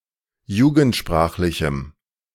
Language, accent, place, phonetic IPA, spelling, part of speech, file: German, Germany, Berlin, [ˈjuːɡn̩tˌʃpʁaːxlɪçm̩], jugendsprachlichem, adjective, De-jugendsprachlichem.ogg
- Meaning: strong dative masculine/neuter singular of jugendsprachlich